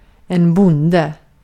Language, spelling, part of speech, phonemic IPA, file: Swedish, bonde, noun, /²bʊnːdɛ/, Sv-bonde.ogg
- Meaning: 1. a farmer 2. a hillbilly, a redneck, a yokel 3. a pawn 4. a husband